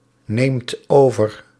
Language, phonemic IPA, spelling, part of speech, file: Dutch, /ˈnemt ˈovər/, neemt over, verb, Nl-neemt over.ogg
- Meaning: inflection of overnemen: 1. second/third-person singular present indicative 2. plural imperative